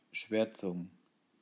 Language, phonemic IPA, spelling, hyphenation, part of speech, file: German, /ˈʃvɛʁt͡sʊŋ/, Schwärzung, Schwär‧zung, noun, De-Schwärzung.ogg
- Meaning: 1. density 2. blackness 3. redacting (replacing text with black areas)